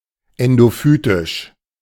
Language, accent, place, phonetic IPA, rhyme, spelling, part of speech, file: German, Germany, Berlin, [ˌɛndoˈfyːtɪʃ], -yːtɪʃ, endophytisch, adjective, De-endophytisch.ogg
- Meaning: endophytic